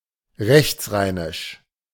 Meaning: on the right (thus: east) side of the Rhine
- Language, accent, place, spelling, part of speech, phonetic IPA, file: German, Germany, Berlin, rechtsrheinisch, adjective, [ˈʁɛçt͡sˌʁaɪ̯nɪʃ], De-rechtsrheinisch.ogg